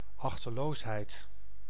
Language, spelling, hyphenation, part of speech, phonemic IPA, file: Dutch, achteloosheid, ach‧te‧loos‧heid, noun, /ɑxtəˈloːsˌɦɛi̯t/, Nl-achteloosheid.ogg
- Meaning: carelessness, negligence